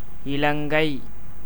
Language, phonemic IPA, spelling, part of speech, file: Tamil, /ɪlɐŋɡɐɪ̯/, இலங்கை, proper noun, Ta-இலங்கை.ogg
- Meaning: Sri Lanka (an island and country in South Asia, off the coast of India)